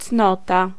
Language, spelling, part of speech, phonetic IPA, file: Polish, cnota, noun, [ˈt͡snɔta], Pl-cnota.ogg